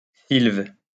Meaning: forest; woods
- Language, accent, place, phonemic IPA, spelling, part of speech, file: French, France, Lyon, /silv/, sylve, noun, LL-Q150 (fra)-sylve.wav